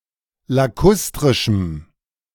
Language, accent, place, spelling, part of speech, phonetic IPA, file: German, Germany, Berlin, lakustrischem, adjective, [laˈkʊstʁɪʃm̩], De-lakustrischem.ogg
- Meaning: strong dative masculine/neuter singular of lakustrisch